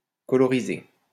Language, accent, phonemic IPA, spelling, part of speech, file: French, France, /kɔ.lɔ.ʁi.ze/, coloriser, verb, LL-Q150 (fra)-coloriser.wav
- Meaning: to colorize